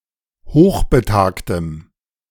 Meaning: strong dative masculine/neuter singular of hochbetagt
- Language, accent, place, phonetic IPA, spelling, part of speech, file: German, Germany, Berlin, [ˈhoːxbəˌtaːktəm], hochbetagtem, adjective, De-hochbetagtem.ogg